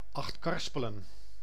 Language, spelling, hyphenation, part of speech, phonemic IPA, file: Dutch, Achtkarspelen, Acht‧kar‧spe‧len, proper noun, /ˌɑxtˈkɑr.spə.lə(n)/, Nl-Achtkarspelen.ogg
- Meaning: Achtkarspelen (a municipality of Friesland, Netherlands)